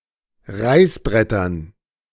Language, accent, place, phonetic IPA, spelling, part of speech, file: German, Germany, Berlin, [ˈʁaɪ̯sˌbʁɛtɐn], Reißbrettern, noun, De-Reißbrettern.ogg
- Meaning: dative plural of Reißbrett